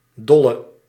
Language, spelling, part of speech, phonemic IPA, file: Dutch, dolle, adjective / verb, /ˈdɔlə/, Nl-dolle.ogg
- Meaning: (adjective) inflection of dol: 1. masculine/feminine singular attributive 2. definite neuter singular attributive 3. plural attributive; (verb) singular present subjunctive of dollen